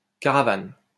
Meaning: 1. caravan (convoy or procession of travellers, their cargo and vehicles, and any pack animals) 2. travel trailer (furnished vehicle towed behind another, and used as a dwelling when stationary)
- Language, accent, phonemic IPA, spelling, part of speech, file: French, France, /ka.ʁa.van/, caravane, noun, LL-Q150 (fra)-caravane.wav